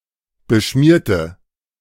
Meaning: inflection of beschmieren: 1. first/third-person singular preterite 2. first/third-person singular subjunctive II
- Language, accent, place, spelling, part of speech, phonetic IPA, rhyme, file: German, Germany, Berlin, beschmierte, adjective / verb, [bəˈʃmiːɐ̯tə], -iːɐ̯tə, De-beschmierte.ogg